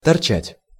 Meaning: 1. to stick out, to protrude, to jut out 2. to stand on end, to bristle (of hair) 3. to loiter, to stick around, to hang around 4. to feel a euphoria, to get a kick, to get high
- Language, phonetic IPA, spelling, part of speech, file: Russian, [tɐrˈt͡ɕætʲ], торчать, verb, Ru-торчать.ogg